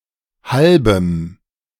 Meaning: strong dative masculine/neuter singular of halb
- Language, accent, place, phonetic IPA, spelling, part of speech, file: German, Germany, Berlin, [ˈhalbəm], halbem, adjective, De-halbem.ogg